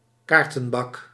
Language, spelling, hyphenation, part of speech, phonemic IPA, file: Dutch, kaartenbak, kaar‧ten‧bak, noun, /ˈkaːr.tə(n)ˌbɑk/, Nl-kaartenbak.ogg
- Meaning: filing cabinet